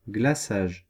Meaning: icing (sugary substance)
- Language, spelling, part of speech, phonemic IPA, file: French, glaçage, noun, /ɡla.saʒ/, Fr-glaçage.ogg